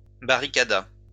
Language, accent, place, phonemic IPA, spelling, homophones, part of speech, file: French, France, Lyon, /ba.ʁi.ka.da/, barricada, barricadas / barricadât, verb, LL-Q150 (fra)-barricada.wav
- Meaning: third-person singular past historic of barricader